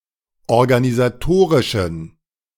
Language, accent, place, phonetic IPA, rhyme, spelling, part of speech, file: German, Germany, Berlin, [ɔʁɡanizaˈtoːʁɪʃn̩], -oːʁɪʃn̩, organisatorischen, adjective, De-organisatorischen.ogg
- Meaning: inflection of organisatorisch: 1. strong genitive masculine/neuter singular 2. weak/mixed genitive/dative all-gender singular 3. strong/weak/mixed accusative masculine singular 4. strong dative plural